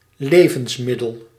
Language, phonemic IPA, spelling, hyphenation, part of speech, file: Dutch, /ˈleː.və(n)sˌmɪ.dəl/, levensmiddel, le‧vens‧mid‧del, noun, Nl-levensmiddel.ogg
- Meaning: 1. food, foodstuff 2. victual